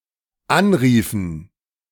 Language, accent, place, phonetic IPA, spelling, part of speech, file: German, Germany, Berlin, [ˈanˌʁiːfn̩], anriefen, verb, De-anriefen.ogg
- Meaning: inflection of anrufen: 1. first/third-person plural dependent preterite 2. first/third-person plural dependent subjunctive II